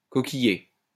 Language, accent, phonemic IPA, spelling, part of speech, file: French, France, /kɔ.ki.je/, coquillier, noun, LL-Q150 (fra)-coquillier.wav
- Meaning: cockling boat